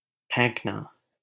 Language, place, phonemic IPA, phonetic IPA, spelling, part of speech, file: Hindi, Delhi, /pʰẽːk.nɑː/, [pʰẽːk.näː], फेंकना, verb, LL-Q1568 (hin)-फेंकना.wav
- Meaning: 1. to throw 2. to trash, to throw out 3. to bluff, to brag 4. to lie 5. to make false promise